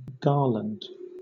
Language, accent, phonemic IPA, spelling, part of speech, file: English, Southern England, /ˈɡɑː.lənd/, garland, noun / verb, LL-Q1860 (eng)-garland.wav
- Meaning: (noun) 1. A circular or linear decoration, especially one of plaited flowers or leaves, worn on the body or draped as a decoration 2. An accolade or mark of honour